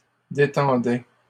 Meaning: first/second-person singular imperfect indicative of détendre
- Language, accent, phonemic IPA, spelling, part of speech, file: French, Canada, /de.tɑ̃.dɛ/, détendais, verb, LL-Q150 (fra)-détendais.wav